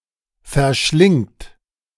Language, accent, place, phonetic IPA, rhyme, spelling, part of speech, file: German, Germany, Berlin, [fɛɐ̯ˈʃlɪŋt], -ɪŋt, verschlingt, verb, De-verschlingt.ogg
- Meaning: second-person plural present of verschlingen